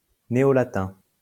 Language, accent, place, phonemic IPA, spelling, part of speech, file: French, France, Lyon, /ne.o.la.tɛ̃/, néolatin, noun, LL-Q150 (fra)-néolatin.wav
- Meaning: New Latin (Latin after the Middle Ages)